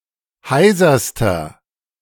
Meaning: inflection of heiser: 1. strong/mixed nominative masculine singular superlative degree 2. strong genitive/dative feminine singular superlative degree 3. strong genitive plural superlative degree
- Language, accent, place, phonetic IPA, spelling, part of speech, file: German, Germany, Berlin, [ˈhaɪ̯zɐstɐ], heiserster, adjective, De-heiserster.ogg